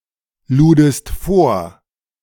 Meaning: second-person singular preterite of vorladen
- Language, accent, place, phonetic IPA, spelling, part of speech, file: German, Germany, Berlin, [ˌluːdəst ˈfoːɐ̯], ludest vor, verb, De-ludest vor.ogg